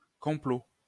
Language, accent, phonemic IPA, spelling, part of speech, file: French, France, /kɔ̃.plo/, complot, noun, LL-Q150 (fra)-complot.wav
- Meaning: plot; conspiracy